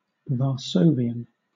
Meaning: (adjective) Of, from or pertaining to Warsaw; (noun) Someone living in or originating from Warsaw
- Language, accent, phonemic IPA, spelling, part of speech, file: English, Southern England, /vɑː(ɹ)ˈsəʊviən/, Varsovian, adjective / noun, LL-Q1860 (eng)-Varsovian.wav